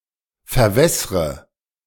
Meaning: inflection of verwässern: 1. first-person singular present 2. first/third-person singular subjunctive I 3. singular imperative
- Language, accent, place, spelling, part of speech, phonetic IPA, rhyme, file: German, Germany, Berlin, verwässre, verb, [fɛɐ̯ˈvɛsʁə], -ɛsʁə, De-verwässre.ogg